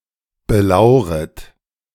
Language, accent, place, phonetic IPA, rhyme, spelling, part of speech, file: German, Germany, Berlin, [bəˈlaʊ̯ʁət], -aʊ̯ʁət, belauret, verb, De-belauret.ogg
- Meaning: second-person plural subjunctive I of belauern